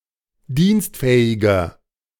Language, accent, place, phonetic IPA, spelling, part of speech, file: German, Germany, Berlin, [ˈdiːnstˌfɛːɪɡɐ], dienstfähiger, adjective, De-dienstfähiger.ogg
- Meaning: inflection of dienstfähig: 1. strong/mixed nominative masculine singular 2. strong genitive/dative feminine singular 3. strong genitive plural